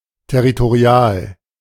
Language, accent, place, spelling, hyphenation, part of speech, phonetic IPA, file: German, Germany, Berlin, territorial, ter‧ri‧to‧ri‧al, adjective, [tɛʁitoˈʁi̯aːl], De-territorial.ogg
- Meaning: territorial